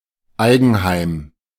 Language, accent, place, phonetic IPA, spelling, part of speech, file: German, Germany, Berlin, [ˈaɪ̯ɡn̩ˌhaɪ̯m], Eigenheim, noun, De-Eigenheim.ogg
- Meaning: privately owned home